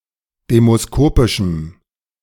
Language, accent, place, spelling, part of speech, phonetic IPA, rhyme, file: German, Germany, Berlin, demoskopischem, adjective, [ˌdeːmosˈkoːpɪʃm̩], -oːpɪʃm̩, De-demoskopischem.ogg
- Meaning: strong dative masculine/neuter singular of demoskopisch